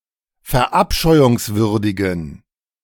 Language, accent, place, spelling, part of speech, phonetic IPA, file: German, Germany, Berlin, verabscheuungswürdigen, adjective, [fɛɐ̯ˈʔapʃɔɪ̯ʊŋsvʏʁdɪɡn̩], De-verabscheuungswürdigen.ogg
- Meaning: inflection of verabscheuungswürdig: 1. strong genitive masculine/neuter singular 2. weak/mixed genitive/dative all-gender singular 3. strong/weak/mixed accusative masculine singular